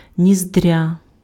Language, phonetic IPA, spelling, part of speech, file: Ukrainian, [ˈnʲizdʲrʲɐ], ніздря, noun, Uk-ніздря.ogg
- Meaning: nostril